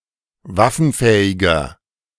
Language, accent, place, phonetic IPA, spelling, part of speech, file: German, Germany, Berlin, [ˈvafn̩ˌfɛːɪɡɐ], waffenfähiger, adjective, De-waffenfähiger.ogg
- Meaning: 1. comparative degree of waffenfähig 2. inflection of waffenfähig: strong/mixed nominative masculine singular 3. inflection of waffenfähig: strong genitive/dative feminine singular